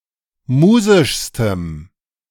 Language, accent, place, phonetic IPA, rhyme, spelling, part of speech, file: German, Germany, Berlin, [ˈmuːzɪʃstəm], -uːzɪʃstəm, musischstem, adjective, De-musischstem.ogg
- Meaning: strong dative masculine/neuter singular superlative degree of musisch